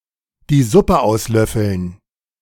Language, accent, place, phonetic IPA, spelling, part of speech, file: German, Germany, Berlin, [diː ˈzʊpə ˌʔaʊ̯slœfl̩n], die Suppe auslöffeln, phrase, De-die Suppe auslöffeln.ogg
- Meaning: to face the music